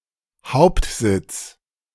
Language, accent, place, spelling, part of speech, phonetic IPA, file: German, Germany, Berlin, Hauptsitz, noun, [ˈhaʊ̯ptˌzɪt͡s], De-Hauptsitz.ogg
- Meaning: headquarters, head office